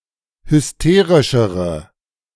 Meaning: inflection of hysterisch: 1. strong/mixed nominative/accusative feminine singular comparative degree 2. strong nominative/accusative plural comparative degree
- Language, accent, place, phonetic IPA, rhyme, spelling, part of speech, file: German, Germany, Berlin, [hʏsˈteːʁɪʃəʁə], -eːʁɪʃəʁə, hysterischere, adjective, De-hysterischere.ogg